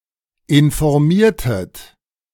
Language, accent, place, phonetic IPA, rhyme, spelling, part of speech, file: German, Germany, Berlin, [ɪnfɔʁˈmiːɐ̯tət], -iːɐ̯tət, informiertet, verb, De-informiertet.ogg
- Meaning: inflection of informieren: 1. second-person plural preterite 2. second-person plural subjunctive II